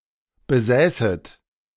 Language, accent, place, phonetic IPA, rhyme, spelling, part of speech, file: German, Germany, Berlin, [bəˈzɛːsət], -ɛːsət, besäßet, verb, De-besäßet.ogg
- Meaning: second-person plural subjunctive II of besitzen